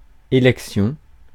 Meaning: election
- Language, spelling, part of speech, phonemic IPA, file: French, élection, noun, /e.lɛk.sjɔ̃/, Fr-élection.ogg